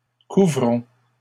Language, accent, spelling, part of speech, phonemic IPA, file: French, Canada, couvrons, verb, /ku.vʁɔ̃/, LL-Q150 (fra)-couvrons.wav
- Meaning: inflection of couvrir: 1. first-person plural present indicative 2. first-person plural imperative